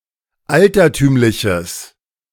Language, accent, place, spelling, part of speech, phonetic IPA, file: German, Germany, Berlin, altertümliches, adjective, [ˈaltɐˌtyːmlɪçəs], De-altertümliches.ogg
- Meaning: strong/mixed nominative/accusative neuter singular of altertümlich